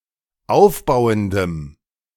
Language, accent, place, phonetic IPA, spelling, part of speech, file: German, Germany, Berlin, [ˈaʊ̯fˌbaʊ̯əndəm], aufbauendem, adjective, De-aufbauendem.ogg
- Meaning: strong dative masculine/neuter singular of aufbauend